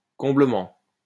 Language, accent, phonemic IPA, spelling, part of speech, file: French, France, /kɔ̃.blə.mɑ̃/, comblement, noun, LL-Q150 (fra)-comblement.wav
- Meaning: fulfilment, satisfaction